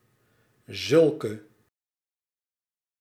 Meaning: inflection of zulk: 1. masculine/feminine singular attributive 2. definite neuter singular attributive 3. plural attributive
- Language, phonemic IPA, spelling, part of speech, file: Dutch, /zʏlkə/, zulke, pronoun, Nl-zulke.ogg